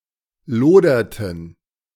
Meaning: inflection of lodern: 1. first/third-person plural preterite 2. first/third-person plural subjunctive II
- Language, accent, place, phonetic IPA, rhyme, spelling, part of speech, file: German, Germany, Berlin, [ˈloːdɐtn̩], -oːdɐtn̩, loderten, verb, De-loderten.ogg